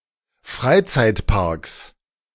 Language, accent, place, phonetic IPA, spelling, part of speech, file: German, Germany, Berlin, [ˈfʁaɪ̯t͡saɪ̯tˌpaʁks], Freizeitparks, noun, De-Freizeitparks.ogg
- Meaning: 1. genitive singular of Freizeitpark 2. plural of Freizeitpark